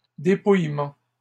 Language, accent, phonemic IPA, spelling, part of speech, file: French, Canada, /de.puj.mɑ̃/, dépouillements, noun, LL-Q150 (fra)-dépouillements.wav
- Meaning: plural of dépouillement